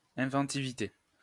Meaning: inventiveness, ingenuity
- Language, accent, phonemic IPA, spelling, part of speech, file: French, France, /ɛ̃.vɑ̃.ti.vi.te/, inventivité, noun, LL-Q150 (fra)-inventivité.wav